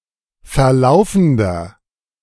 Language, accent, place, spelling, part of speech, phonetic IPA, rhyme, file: German, Germany, Berlin, verlaufender, adjective, [fɛɐ̯ˈlaʊ̯fn̩dɐ], -aʊ̯fn̩dɐ, De-verlaufender.ogg
- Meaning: inflection of verlaufend: 1. strong/mixed nominative masculine singular 2. strong genitive/dative feminine singular 3. strong genitive plural